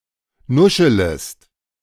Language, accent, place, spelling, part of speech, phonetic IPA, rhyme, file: German, Germany, Berlin, nuschelest, verb, [ˈnʊʃələst], -ʊʃələst, De-nuschelest.ogg
- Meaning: second-person singular subjunctive I of nuscheln